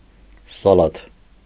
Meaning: 1. salad 2. common lettuce, salad, Lactuca sativa
- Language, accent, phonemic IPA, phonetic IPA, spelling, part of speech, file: Armenian, Eastern Armenian, /sɑˈlɑtʰ/, [sɑlɑ́tʰ], սալաթ, noun, Hy-սալաթ.ogg